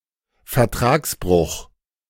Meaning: breach of contract
- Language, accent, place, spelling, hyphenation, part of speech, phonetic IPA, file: German, Germany, Berlin, Vertragsbruch, Ver‧trags‧bruch, noun, [fɛɐ̯ˈtʁaːksˌbʁʊx], De-Vertragsbruch.ogg